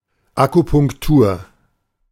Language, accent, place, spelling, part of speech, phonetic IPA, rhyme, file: German, Germany, Berlin, Akupunktur, noun, [akupʊŋkˈtuːɐ̯], -uːɐ̯, De-Akupunktur.ogg
- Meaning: acupuncture